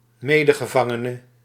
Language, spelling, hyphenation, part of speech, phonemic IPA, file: Dutch, medegevangene, me‧de‧ge‧van‧ge‧ne, noun, /ˈmeː.də.ɣəˌvɑ.ŋə.nə/, Nl-medegevangene.ogg
- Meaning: a fellow prisoner, a coprisoner